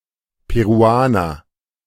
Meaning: Peruvian (person from Peru)
- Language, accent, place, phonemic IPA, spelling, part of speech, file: German, Germany, Berlin, /peʁuˈaːnɐ/, Peruaner, noun, De-Peruaner.ogg